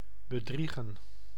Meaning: 1. to deceive 2. to cheat on one's significant other
- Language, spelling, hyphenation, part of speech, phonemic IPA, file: Dutch, bedriegen, be‧drie‧gen, verb, /bəˈdri.ɣə(n)/, Nl-bedriegen.ogg